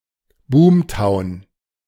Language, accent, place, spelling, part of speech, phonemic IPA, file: German, Germany, Berlin, Boomtown, noun, /ˈbuːmˌtaʊ̯n/, De-Boomtown.ogg
- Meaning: boom town